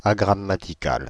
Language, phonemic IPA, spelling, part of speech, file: French, /a.ɡʁa.ma.ti.kal/, agrammatical, adjective, Fr-agrammatical.ogg
- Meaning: ungrammatical